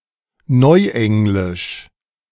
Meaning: Modern English
- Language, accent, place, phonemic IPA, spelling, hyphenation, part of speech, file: German, Germany, Berlin, /ˈnɔɪ̯ˌʔɛŋlɪʃ/, neuenglisch, neu‧eng‧lisch, adjective, De-neuenglisch.ogg